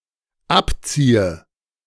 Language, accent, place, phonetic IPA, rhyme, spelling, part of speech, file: German, Germany, Berlin, [ˈapˌt͡siːə], -apt͡siːə, abziehe, verb, De-abziehe.ogg
- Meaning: inflection of abziehen: 1. first-person singular dependent present 2. first/third-person singular dependent subjunctive I